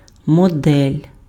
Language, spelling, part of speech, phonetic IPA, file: Ukrainian, модель, noun, [mɔˈdɛlʲ], Uk-модель.ogg
- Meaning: 1. model 2. model (person)